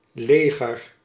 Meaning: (noun) 1. army, armed forces 2. form (habitation of a hare) 3. bed, crib 4. mass, multitude 5. short for dijkleger; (adjective) comparative degree of leeg
- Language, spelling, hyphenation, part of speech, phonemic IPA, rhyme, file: Dutch, leger, le‧ger, noun / adjective / verb, /ˈleː.ɣər/, -eːɣər, Nl-leger.ogg